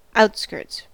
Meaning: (noun) 1. The area surrounding a city or town; suburb 2. plural of outskirt; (verb) third-person singular simple present indicative of outskirt
- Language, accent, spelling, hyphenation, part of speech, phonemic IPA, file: English, US, outskirts, out‧skirts, noun / verb, /ˈaʊtskɝts/, En-us-outskirts.ogg